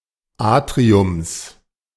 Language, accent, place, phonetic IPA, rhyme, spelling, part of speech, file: German, Germany, Berlin, [ˈaːtʁiʊms], -aːtʁiʊms, Atriums, noun, De-Atriums.ogg
- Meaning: genitive singular of Atrium